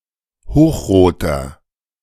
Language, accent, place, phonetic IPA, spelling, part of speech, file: German, Germany, Berlin, [ˈhoːxˌʁoːtɐ], hochroter, adjective, De-hochroter.ogg
- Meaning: inflection of hochrot: 1. strong/mixed nominative masculine singular 2. strong genitive/dative feminine singular 3. strong genitive plural